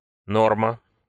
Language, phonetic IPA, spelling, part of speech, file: Russian, [ˈnormə], норма, noun, Ru-норма.ogg
- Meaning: 1. norm, standard 2. rate, quota